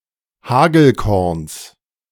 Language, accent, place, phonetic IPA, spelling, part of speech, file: German, Germany, Berlin, [ˈhaːɡl̩ˌkɔʁns], Hagelkorns, noun, De-Hagelkorns.ogg
- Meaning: genitive singular of Hagelkorn